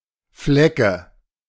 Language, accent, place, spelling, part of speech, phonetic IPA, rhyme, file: German, Germany, Berlin, Flecke, noun, [ˈflɛkə], -ɛkə, De-Flecke.ogg
- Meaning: nominative/accusative/genitive plural of Fleck